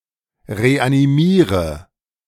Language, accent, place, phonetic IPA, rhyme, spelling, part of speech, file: German, Germany, Berlin, [ʁeʔaniˈmiːʁə], -iːʁə, reanimiere, verb, De-reanimiere.ogg
- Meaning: inflection of reanimieren: 1. first-person singular present 2. singular imperative 3. first/third-person singular subjunctive I